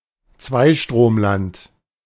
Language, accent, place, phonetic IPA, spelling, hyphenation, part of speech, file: German, Germany, Berlin, [ˈt͡svaɪ̯ʃtʁoːmˌlant], Zweistromland, Zwei‧strom‧land, proper noun, De-Zweistromland.ogg